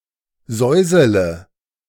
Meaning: inflection of säuseln: 1. first-person singular present 2. first-person plural subjunctive I 3. third-person singular subjunctive I 4. singular imperative
- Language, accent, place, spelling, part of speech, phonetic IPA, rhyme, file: German, Germany, Berlin, säusele, verb, [ˈzɔɪ̯zələ], -ɔɪ̯zələ, De-säusele.ogg